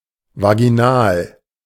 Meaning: vaginal
- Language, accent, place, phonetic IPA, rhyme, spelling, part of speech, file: German, Germany, Berlin, [vaɡiˈnaːl], -aːl, vaginal, adjective, De-vaginal.ogg